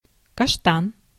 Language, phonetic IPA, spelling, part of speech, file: Russian, [kɐʂˈtan], каштан, noun, Ru-каштан.ogg
- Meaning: 1. chestnut 2. chestnut tree